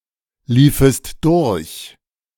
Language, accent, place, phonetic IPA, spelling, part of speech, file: German, Germany, Berlin, [ˌliːfəst ˈdʊʁç], liefest durch, verb, De-liefest durch.ogg
- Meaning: second-person singular subjunctive II of durchlaufen